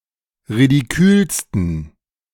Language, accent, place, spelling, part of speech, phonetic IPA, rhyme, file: German, Germany, Berlin, ridikülsten, adjective, [ʁidiˈkyːlstn̩], -yːlstn̩, De-ridikülsten.ogg
- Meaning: 1. superlative degree of ridikül 2. inflection of ridikül: strong genitive masculine/neuter singular superlative degree